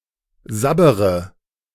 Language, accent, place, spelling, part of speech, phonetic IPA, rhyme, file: German, Germany, Berlin, sabbere, verb, [ˈzabəʁə], -abəʁə, De-sabbere.ogg
- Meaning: inflection of sabbern: 1. first-person singular present 2. first/third-person singular subjunctive I 3. singular imperative